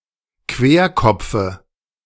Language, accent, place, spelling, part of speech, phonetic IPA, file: German, Germany, Berlin, Querkopfe, noun, [ˈkveːɐ̯ˌkɔp͡fə], De-Querkopfe.ogg
- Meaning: dative of Querkopf